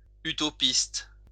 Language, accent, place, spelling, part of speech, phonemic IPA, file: French, France, Lyon, utopiste, adjective / noun, /y.tɔ.pist/, LL-Q150 (fra)-utopiste.wav
- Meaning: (adjective) utopian